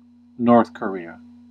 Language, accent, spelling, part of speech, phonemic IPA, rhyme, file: English, US, North Korea, proper noun, /noɹθ ˌkəˈɹi.ə/, -iːə, En-us-North Korea.ogg
- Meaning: A country in East Asia, whose territory consists of the northern part of Korea. Official name: Democratic People's Republic of Korea. Capital: Pyongyang